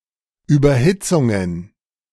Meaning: plural of Überhitzung
- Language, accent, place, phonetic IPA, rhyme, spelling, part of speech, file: German, Germany, Berlin, [ˌyːbɐˈhɪt͡sʊŋən], -ɪt͡sʊŋən, Überhitzungen, noun, De-Überhitzungen.ogg